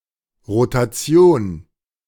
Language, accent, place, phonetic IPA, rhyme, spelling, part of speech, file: German, Germany, Berlin, [ʁotaˈt͡si̯oːn], -oːn, Rotation, noun, De-Rotation.ogg
- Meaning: rotation